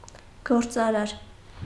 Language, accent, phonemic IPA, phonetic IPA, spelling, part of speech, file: Armenian, Eastern Armenian, /ɡoɾt͡sɑˈɾɑɾ/, [ɡoɾt͡sɑɾɑ́ɾ], գործարար, adjective / noun, Hy-գործարար.ogg
- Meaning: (adjective) 1. business 2. working, laboring; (noun) 1. businessman, businessperson 2. weaver 3. spider